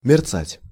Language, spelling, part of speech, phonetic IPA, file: Russian, мерцать, verb, [mʲɪrˈt͡satʲ], Ru-мерцать.ogg
- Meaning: to shimmer, to twinkle, to glimmer, to flicker